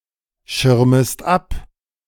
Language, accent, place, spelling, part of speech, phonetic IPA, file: German, Germany, Berlin, schirmest ab, verb, [ˌʃɪʁməst ˈap], De-schirmest ab.ogg
- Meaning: second-person singular subjunctive I of abschirmen